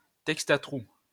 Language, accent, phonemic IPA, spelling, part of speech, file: French, France, /tɛkst a tʁu/, texte à trous, noun, LL-Q150 (fra)-texte à trous.wav
- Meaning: fill-in-the-blank exercise, cloze